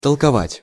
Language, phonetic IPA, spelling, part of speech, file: Russian, [təɫkɐˈvatʲ], толковать, verb, Ru-толковать.ogg
- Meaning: 1. to explain, to interpret 2. to talk (about something), to discuss